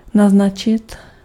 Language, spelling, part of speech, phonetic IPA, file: Czech, naznačit, verb, [ˈnaznat͡ʃɪt], Cs-naznačit.ogg
- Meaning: 1. to insinuate (to hint at something; to suggest or express an idea indirectly) 2. to mark, to indicate